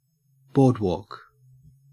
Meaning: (noun) A slightly elevated path (walkway) for pedestrians over sandy or swampy ground, typically made out of wood; specifically (Canada, US) one running alongside a body of water or beach
- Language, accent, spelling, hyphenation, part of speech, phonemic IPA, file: English, Australia, boardwalk, board‧walk, noun / verb, /ˈboːd.woːk/, En-au-boardwalk.ogg